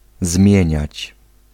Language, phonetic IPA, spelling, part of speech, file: Polish, [ˈzmʲjɛ̇̃ɲät͡ɕ], zmieniać, verb, Pl-zmieniać.ogg